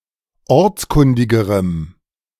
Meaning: strong dative masculine/neuter singular comparative degree of ortskundig
- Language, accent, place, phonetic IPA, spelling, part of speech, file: German, Germany, Berlin, [ˈɔʁt͡sˌkʊndɪɡəʁəm], ortskundigerem, adjective, De-ortskundigerem.ogg